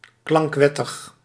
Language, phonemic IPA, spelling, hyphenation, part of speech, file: Dutch, /ˌklɑŋkˈʋɛ.təx/, klankwettig, klank‧wet‧tig, adjective, Nl-klankwettig.ogg
- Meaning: in accordance with a sound law